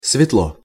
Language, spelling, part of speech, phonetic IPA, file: Russian, светло, adverb / adjective, [svʲɪtˈɫo], Ru-светло.ogg
- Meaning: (adverb) 1. brightly 2. warmly, with kindness; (adjective) 1. it is light 2. short neuter singular of све́тлый (svétlyj)